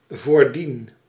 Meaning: before this
- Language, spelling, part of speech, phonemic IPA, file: Dutch, voordien, adverb / verb, /vorˈdin/, Nl-voordien.ogg